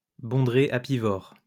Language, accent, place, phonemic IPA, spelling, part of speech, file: French, France, Lyon, /bɔ̃.dʁe a.pi.vɔʁ/, bondrée apivore, noun, LL-Q150 (fra)-bondrée apivore.wav
- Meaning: European honey buzzard (Pernis apivorus)